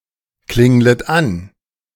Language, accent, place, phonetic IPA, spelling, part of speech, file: German, Germany, Berlin, [ˌklɪŋlət ˈan], klinglet an, verb, De-klinglet an.ogg
- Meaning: second-person plural subjunctive I of anklingeln